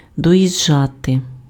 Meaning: to arrive (at), to reach
- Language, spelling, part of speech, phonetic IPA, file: Ukrainian, доїжджати, verb, [dɔjiʒˈd͡ʒate], Uk-доїжджати.ogg